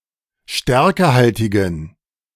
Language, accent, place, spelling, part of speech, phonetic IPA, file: German, Germany, Berlin, stärkehaltigen, adjective, [ˈʃtɛʁkəhaltɪɡn̩], De-stärkehaltigen.ogg
- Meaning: inflection of stärkehaltig: 1. strong genitive masculine/neuter singular 2. weak/mixed genitive/dative all-gender singular 3. strong/weak/mixed accusative masculine singular 4. strong dative plural